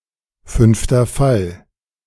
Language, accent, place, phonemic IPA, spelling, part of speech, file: German, Germany, Berlin, /ˌfʏnftɐ ˈfal/, fünfter Fall, noun, De-fünfter Fall.ogg
- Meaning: vocative case